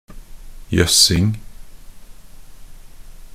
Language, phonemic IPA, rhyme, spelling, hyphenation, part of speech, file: Norwegian Bokmål, /ˈjœsːɪŋ/, -ɪŋ, jøssing, jøss‧ing, noun, Nb-jøssing.ogg
- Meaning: a Norwegian opponent of Nazism (referring to conditions in Norway during the German occupation during the Second World War)